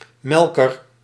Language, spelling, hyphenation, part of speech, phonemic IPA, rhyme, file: Dutch, melker, mel‧ker, noun, /ˈmɛlkər/, -ɛlkər, Nl-melker.ogg
- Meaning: 1. a milker (one who milks) 2. a bird fancier, a bird keeper